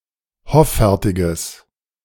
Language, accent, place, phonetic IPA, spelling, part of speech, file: German, Germany, Berlin, [ˈhɔfɛʁtɪɡəs], hoffärtiges, adjective, De-hoffärtiges.ogg
- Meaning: strong/mixed nominative/accusative neuter singular of hoffärtig